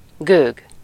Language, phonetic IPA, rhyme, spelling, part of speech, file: Hungarian, [ˈɡøːɡ], -øːɡ, gőg, noun, Hu-gőg.ogg
- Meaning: arrogance, haughtiness